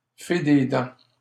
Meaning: tooth fairy
- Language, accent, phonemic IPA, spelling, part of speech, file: French, Canada, /fe de dɑ̃/, fée des dents, noun, LL-Q150 (fra)-fée des dents.wav